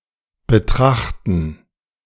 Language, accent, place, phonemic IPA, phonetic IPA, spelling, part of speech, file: German, Germany, Berlin, /bəˈtʁaxtən/, [bəˈtʰʁaxtn̩], betrachten, verb, De-betrachten2.ogg
- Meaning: 1. to look at, to consider, to behold 2. to regard, to consider, look upon (something in a certain way)